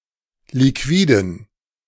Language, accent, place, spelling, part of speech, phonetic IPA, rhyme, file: German, Germany, Berlin, Liquiden, noun, [liˈkviːdn̩], -iːdn̩, De-Liquiden.ogg
- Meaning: 1. plural of Liquida 2. dative plural of Liquid